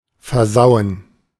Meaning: to mess up
- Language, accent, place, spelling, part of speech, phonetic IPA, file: German, Germany, Berlin, versauen, verb, [fɛɐ̯ˈzaʊ̯ən], De-versauen.ogg